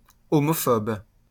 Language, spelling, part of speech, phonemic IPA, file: French, homophobe, adjective / noun, /ɔ.mɔ.fɔb/, LL-Q150 (fra)-homophobe.wav
- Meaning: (adjective) homophobic; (noun) homophobe